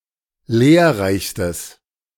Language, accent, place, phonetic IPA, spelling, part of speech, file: German, Germany, Berlin, [ˈleːɐ̯ˌʁaɪ̯çstəs], lehrreichstes, adjective, De-lehrreichstes.ogg
- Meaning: strong/mixed nominative/accusative neuter singular superlative degree of lehrreich